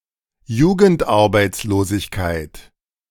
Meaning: youth unemployment
- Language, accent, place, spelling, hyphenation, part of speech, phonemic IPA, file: German, Germany, Berlin, Jugendarbeitslosigkeit, Ju‧gend‧ar‧beits‧lo‧sig‧keit, noun, /ˈjuːɡəntˌaʁbaɪ̯tsloːzɪçkaɪ̯t/, De-Jugendarbeitslosigkeit.ogg